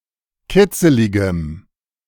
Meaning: strong dative masculine/neuter singular of kitzelig
- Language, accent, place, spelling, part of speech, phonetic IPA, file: German, Germany, Berlin, kitzeligem, adjective, [ˈkɪt͡səlɪɡəm], De-kitzeligem.ogg